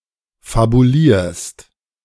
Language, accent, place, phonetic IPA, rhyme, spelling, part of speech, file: German, Germany, Berlin, [fabuˈliːɐ̯st], -iːɐ̯st, fabulierst, verb, De-fabulierst.ogg
- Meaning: second-person singular present of fabulieren